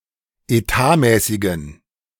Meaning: inflection of etatmäßig: 1. strong genitive masculine/neuter singular 2. weak/mixed genitive/dative all-gender singular 3. strong/weak/mixed accusative masculine singular 4. strong dative plural
- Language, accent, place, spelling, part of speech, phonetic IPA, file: German, Germany, Berlin, etatmäßigen, adjective, [eˈtaːˌmɛːsɪɡn̩], De-etatmäßigen.ogg